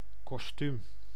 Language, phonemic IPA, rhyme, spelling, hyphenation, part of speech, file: Dutch, /kɔsˈtym/, -ym, kostuum, kos‧tuum, noun, Nl-kostuum.ogg
- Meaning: a costume, especially: 1. a suit 2. a theatrical costume of a character